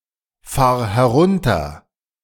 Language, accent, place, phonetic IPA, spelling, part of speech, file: German, Germany, Berlin, [ˌfaːɐ̯ hɛˈʁʊntɐ], fahr herunter, verb, De-fahr herunter.ogg
- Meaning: singular imperative of herunterfahren